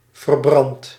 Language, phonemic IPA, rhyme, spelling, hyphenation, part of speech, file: Dutch, /vərˈbrɑnt/, -ɑnt, verbrand, ver‧brand, verb, Nl-verbrand.ogg
- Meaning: inflection of verbranden: 1. first-person singular present indicative 2. second-person singular present indicative 3. imperative